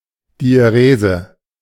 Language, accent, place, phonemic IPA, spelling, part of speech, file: German, Germany, Berlin, /diɛˈʁeːzə/, Diärese, noun, De-Diärese.ogg
- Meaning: diaeresis